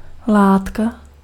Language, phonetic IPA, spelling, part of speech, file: Czech, [ˈlaːtka], látka, noun, Cs-látka.ogg
- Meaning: 1. cloth, fabric 2. substance (physical matter, material)